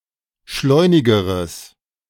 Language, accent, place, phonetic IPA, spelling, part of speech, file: German, Germany, Berlin, [ˈʃlɔɪ̯nɪɡəʁəs], schleunigeres, adjective, De-schleunigeres.ogg
- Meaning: strong/mixed nominative/accusative neuter singular comparative degree of schleunig